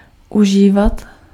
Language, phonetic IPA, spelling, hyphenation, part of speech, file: Czech, [ˈuʒiːvat], užívat, u‧ží‧vat, verb, Cs-užívat.ogg
- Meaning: imperfective form of užít